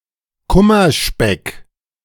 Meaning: excess weight or body fat gained due to emotional overeating
- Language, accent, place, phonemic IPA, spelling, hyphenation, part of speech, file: German, Germany, Berlin, /ˈkʊmɐˌʃpɛk/, Kummerspeck, Kum‧mer‧speck, noun, De-Kummerspeck.ogg